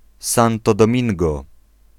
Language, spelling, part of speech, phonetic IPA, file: Polish, Santo Domingo, proper noun, [ˈsãntɔ dɔ̃ˈmʲĩŋɡɔ], Pl-Santo Domingo.ogg